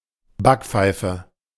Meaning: slap in the face
- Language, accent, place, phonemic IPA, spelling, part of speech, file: German, Germany, Berlin, /ˈbakˌpfaɪ̯fə/, Backpfeife, noun, De-Backpfeife.ogg